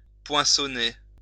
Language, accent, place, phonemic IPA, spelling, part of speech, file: French, France, Lyon, /pwɛ̃.sɔ.ne/, poinçonner, verb, LL-Q150 (fra)-poinçonner.wav
- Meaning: 1. to stamp, punch 2. to hallmark